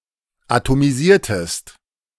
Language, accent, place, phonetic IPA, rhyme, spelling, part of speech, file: German, Germany, Berlin, [atomiˈziːɐ̯təst], -iːɐ̯təst, atomisiertest, verb, De-atomisiertest.ogg
- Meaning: inflection of atomisieren: 1. second-person singular preterite 2. second-person singular subjunctive II